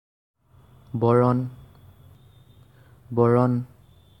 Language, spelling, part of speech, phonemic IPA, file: Assamese, বৰণ, noun, /bɔ.ɹɔn/, As-বৰণ.ogg
- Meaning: 1. colour 2. complexion (of a person)